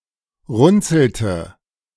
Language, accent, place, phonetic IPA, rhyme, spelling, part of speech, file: German, Germany, Berlin, [ˈʁʊnt͡sl̩tə], -ʊnt͡sl̩tə, runzelte, verb, De-runzelte.ogg
- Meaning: inflection of runzeln: 1. first/third-person singular preterite 2. first/third-person singular subjunctive II